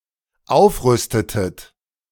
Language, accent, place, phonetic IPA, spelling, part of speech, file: German, Germany, Berlin, [ˈaʊ̯fˌʁʏstətət], aufrüstetet, verb, De-aufrüstetet.ogg
- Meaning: inflection of aufrüsten: 1. second-person plural dependent preterite 2. second-person plural dependent subjunctive II